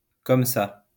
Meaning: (adverb) 1. like that/this, that/this way, so, thus 2. just like that (suddenly and unexpectedly) 3. like that (without preparation, without checking, reflecting); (adjective) large, big
- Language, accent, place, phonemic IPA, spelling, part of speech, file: French, France, Lyon, /kɔm sa/, comme ça, adverb / adjective, LL-Q150 (fra)-comme ça.wav